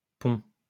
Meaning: plural of pont
- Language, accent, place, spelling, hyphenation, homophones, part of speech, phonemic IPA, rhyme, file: French, France, Lyon, ponts, ponts, pont, noun, /pɔ̃/, -ɔ̃, LL-Q150 (fra)-ponts.wav